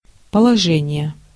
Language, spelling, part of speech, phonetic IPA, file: Russian, положение, noun, [pəɫɐˈʐɛnʲɪje], Ru-положение.ogg
- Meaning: 1. position, location 2. situation 3. state, condition 4. standing 5. thesis 6. regulations